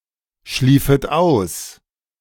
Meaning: second-person plural subjunctive II of ausschlafen
- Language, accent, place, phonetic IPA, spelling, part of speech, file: German, Germany, Berlin, [ˌʃliːfət ˈaʊ̯s], schliefet aus, verb, De-schliefet aus.ogg